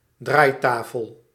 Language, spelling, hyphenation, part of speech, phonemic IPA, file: Dutch, draaitafel, draai‧ta‧fel, noun, /ˈdraːi̯ˌtaː.fəl/, Nl-draaitafel.ogg
- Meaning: 1. a rotating disk or table, of various types, especially 2. a rotating disk or table, of various types, especially: turntable (rotating rest for records in a record player, e.g. for DJ's)